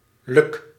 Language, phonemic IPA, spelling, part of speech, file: Dutch, /lɵk/, luk, noun / verb, Nl-luk.ogg
- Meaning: inflection of lukken: 1. first-person singular present indicative 2. second-person singular present indicative 3. imperative